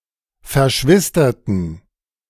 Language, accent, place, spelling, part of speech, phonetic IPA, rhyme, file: German, Germany, Berlin, verschwisterten, adjective / verb, [fɛɐ̯ˈʃvɪstɐtn̩], -ɪstɐtn̩, De-verschwisterten.ogg
- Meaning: inflection of verschwistert: 1. strong genitive masculine/neuter singular 2. weak/mixed genitive/dative all-gender singular 3. strong/weak/mixed accusative masculine singular 4. strong dative plural